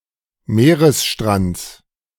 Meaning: genitive singular of Meeresstrand
- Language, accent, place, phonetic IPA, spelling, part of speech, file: German, Germany, Berlin, [ˈmeːʁəsˌʃtʁant͡s], Meeresstrands, noun, De-Meeresstrands.ogg